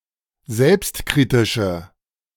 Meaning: inflection of selbstkritisch: 1. strong/mixed nominative/accusative feminine singular 2. strong nominative/accusative plural 3. weak nominative all-gender singular
- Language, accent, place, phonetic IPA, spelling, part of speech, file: German, Germany, Berlin, [ˈzɛlpstˌkʁiːtɪʃə], selbstkritische, adjective, De-selbstkritische.ogg